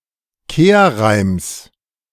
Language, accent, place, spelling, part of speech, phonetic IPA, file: German, Germany, Berlin, Kehrreims, noun, [ˈkeːɐ̯ˌʁaɪ̯ms], De-Kehrreims.ogg
- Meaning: genitive singular of Kehrreim